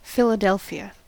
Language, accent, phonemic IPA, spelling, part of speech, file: English, US, /fɪləˈdɛlfi.ə/, Philadelphia, proper noun, En-us-Philadelphia.ogg
- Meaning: 1. The largest city in Pennsylvania, United States, and the county seat of coterminous Philadelphia County; the former capital of the United States 2. Former name of Amman: the capital of Jordan